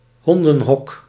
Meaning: doghouse, kennel
- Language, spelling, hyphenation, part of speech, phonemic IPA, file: Dutch, hondenhok, hon‧den‧hok, noun, /ˈɦɔn.də(n)ˌɦɔk/, Nl-hondenhok.ogg